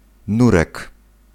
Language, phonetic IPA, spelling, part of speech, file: Polish, [ˈnurɛk], nurek, noun, Pl-nurek.ogg